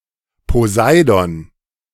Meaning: Poseidon
- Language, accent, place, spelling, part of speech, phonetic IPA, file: German, Germany, Berlin, Poseidon, proper noun, [poˈzaɪ̯dɔn], De-Poseidon.ogg